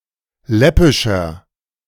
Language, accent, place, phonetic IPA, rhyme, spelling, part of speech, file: German, Germany, Berlin, [ˈlɛpɪʃɐ], -ɛpɪʃɐ, läppischer, adjective, De-läppischer.ogg
- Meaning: 1. comparative degree of läppisch 2. inflection of läppisch: strong/mixed nominative masculine singular 3. inflection of läppisch: strong genitive/dative feminine singular